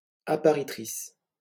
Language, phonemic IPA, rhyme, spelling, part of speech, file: French, /a.pa.ʁi.tʁis/, -is, apparitrice, noun, LL-Q150 (fra)-apparitrice.wav
- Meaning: female equivalent of appariteur